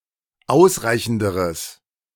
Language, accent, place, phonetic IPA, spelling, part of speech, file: German, Germany, Berlin, [ˈaʊ̯sˌʁaɪ̯çn̩dəʁəs], ausreichenderes, adjective, De-ausreichenderes.ogg
- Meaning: strong/mixed nominative/accusative neuter singular comparative degree of ausreichend